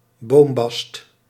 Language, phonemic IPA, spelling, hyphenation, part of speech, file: Dutch, /ˈboːm.bɑst/, boombast, boom‧bast, noun, Nl-boombast.ogg
- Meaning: 1. tree bast 2. tree bark